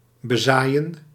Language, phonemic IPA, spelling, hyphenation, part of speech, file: Dutch, /bəˈzaːi̯ə(n)/, bezaaien, be‧zaai‧en, verb, Nl-bezaaien.ogg
- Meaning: to sow onto